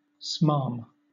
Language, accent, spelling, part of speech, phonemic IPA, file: English, Southern England, smarm, noun / verb, /smɑːm/, LL-Q1860 (eng)-smarm.wav
- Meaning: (noun) 1. Smarmy language or behavior 2. A style of fan fiction in which characters are warm and caring toward each other but without sexual overtones; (verb) To fawn, to be unctuous